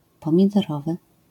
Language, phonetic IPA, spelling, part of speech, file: Polish, [ˌpɔ̃mʲidɔˈrɔvɨ], pomidorowy, adjective, LL-Q809 (pol)-pomidorowy.wav